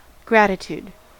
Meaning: The state of being grateful
- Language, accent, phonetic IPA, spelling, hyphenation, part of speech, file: English, US, [ˈɡɹʷæɾɪtʰud], gratitude, grat‧i‧tude, noun, En-us-gratitude.ogg